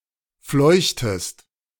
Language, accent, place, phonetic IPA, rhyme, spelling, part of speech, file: German, Germany, Berlin, [ˈflɔɪ̯çtəst], -ɔɪ̯çtəst, fleuchtest, verb, De-fleuchtest.ogg
- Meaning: inflection of fleuchen: 1. second-person singular preterite 2. second-person singular subjunctive II